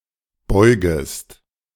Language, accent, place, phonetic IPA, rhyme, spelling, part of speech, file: German, Germany, Berlin, [ˈbɔɪ̯ɡəst], -ɔɪ̯ɡəst, beugest, verb, De-beugest.ogg
- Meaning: second-person singular subjunctive I of beugen